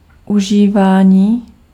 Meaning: 1. verbal noun of užívat 2. use
- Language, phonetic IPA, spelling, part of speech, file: Czech, [ˈuʒiːvaːɲiː], užívání, noun, Cs-užívání.ogg